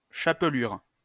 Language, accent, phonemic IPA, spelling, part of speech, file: French, France, /ʃa.plyʁ/, chapelure, noun, LL-Q150 (fra)-chapelure.wav
- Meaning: (dried) breadcrumb(s)